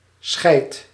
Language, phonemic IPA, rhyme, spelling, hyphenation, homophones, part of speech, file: Dutch, /sxɛi̯t/, -ɛi̯t, scheit, scheit, scheid / scheidt / schijt, noun, Nl-scheit.ogg
- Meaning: shoat (sheep-goat hybrid)